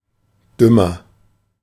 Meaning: comparative degree of dumm
- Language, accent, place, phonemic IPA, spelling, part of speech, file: German, Germany, Berlin, /ˈdʏmɐ/, dümmer, adjective, De-dümmer.ogg